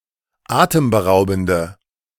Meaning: inflection of atemberaubend: 1. strong/mixed nominative/accusative feminine singular 2. strong nominative/accusative plural 3. weak nominative all-gender singular
- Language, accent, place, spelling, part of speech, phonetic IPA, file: German, Germany, Berlin, atemberaubende, adjective, [ˈaːtəmbəˌʁaʊ̯bn̩də], De-atemberaubende.ogg